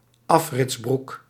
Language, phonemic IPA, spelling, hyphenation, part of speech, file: Dutch, /ˈɑf.rɪtsˌbruk/, afritsbroek, af‧rits‧broek, noun, Nl-afritsbroek.ogg
- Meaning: zip-off trousers